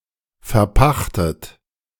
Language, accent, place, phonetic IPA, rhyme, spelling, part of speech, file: German, Germany, Berlin, [fɛɐ̯ˈpaxtət], -axtət, verpachtet, verb, De-verpachtet.ogg
- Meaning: 1. past participle of verpachten 2. inflection of verpachten: third-person singular present 3. inflection of verpachten: second-person plural present 4. inflection of verpachten: plural imperative